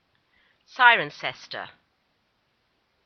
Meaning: A market town and civil parish with a town council in Cotswold district, Gloucestershire, England, the site of the ancient Corinium of the Dobunni (OS grid ref SP0202)
- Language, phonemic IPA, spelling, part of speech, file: English, /ˈsaɪ.ɹənˌsɛs.tə/, Cirencester, proper noun, En-Cirencester.oga